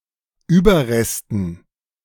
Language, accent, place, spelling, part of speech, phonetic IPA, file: German, Germany, Berlin, Überresten, noun, [ˈyːbɐˌʁɛstn̩], De-Überresten.ogg
- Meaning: dative plural of Überrest